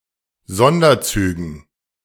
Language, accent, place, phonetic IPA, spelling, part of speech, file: German, Germany, Berlin, [ˈzɔndɐˌt͡syːɡn̩], Sonderzügen, noun, De-Sonderzügen.ogg
- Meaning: dative plural of Sonderzug